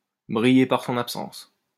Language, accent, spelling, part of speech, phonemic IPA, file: French, France, briller par son absence, verb, /bʁi.je paʁ sɔ̃.n‿ap.sɑ̃s/, LL-Q150 (fra)-briller par son absence.wav
- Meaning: to be conspicuous by one's absence